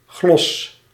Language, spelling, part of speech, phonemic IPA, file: Dutch, glosse, noun, /ˈɣlɔsə/, Nl-glosse.ogg
- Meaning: gloss, margin note